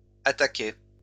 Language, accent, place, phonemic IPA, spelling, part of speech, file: French, France, Lyon, /a.ta.kɛ/, attaquais, verb, LL-Q150 (fra)-attaquais.wav
- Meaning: first/second-person singular imperfect indicative of attaquer